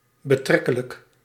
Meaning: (adjective) relative; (adverb) rather, quite, fairly
- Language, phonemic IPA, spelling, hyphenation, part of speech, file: Dutch, /bəˈtrɛ.kə.lək/, betrekkelijk, be‧trek‧ke‧lijk, adjective / adverb, Nl-betrekkelijk.ogg